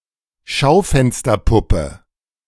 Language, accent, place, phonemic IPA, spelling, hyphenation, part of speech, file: German, Germany, Berlin, /ˈʃaʊ̯fɛnstɐpʊpə/, Schaufensterpuppe, Schau‧fen‧ster‧pup‧pe, noun, De-Schaufensterpuppe.ogg
- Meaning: mannequin, dummy